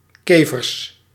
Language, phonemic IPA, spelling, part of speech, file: Dutch, /ˈkevərs/, kevers, noun, Nl-kevers.ogg
- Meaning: plural of kever